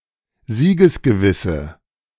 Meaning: inflection of siegesgewiss: 1. strong/mixed nominative/accusative feminine singular 2. strong nominative/accusative plural 3. weak nominative all-gender singular
- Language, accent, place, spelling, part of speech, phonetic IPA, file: German, Germany, Berlin, siegesgewisse, adjective, [ˈziːɡəsɡəˌvɪsə], De-siegesgewisse.ogg